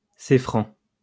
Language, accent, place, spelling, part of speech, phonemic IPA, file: French, France, Lyon, céfran, proper noun / adjective, /se.fʁɑ̃/, LL-Q150 (fra)-céfran.wav
- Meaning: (proper noun) the French language; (adjective) French